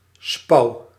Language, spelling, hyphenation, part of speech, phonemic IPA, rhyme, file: Dutch, spouw, spouw, noun / verb, /spɑu̯/, -ɑu̯, Nl-spouw.ogg
- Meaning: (noun) an air gap, a cavity (e.g. in a cavity wall); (verb) inflection of spouwen: 1. first-person singular present indicative 2. second-person singular present indicative 3. imperative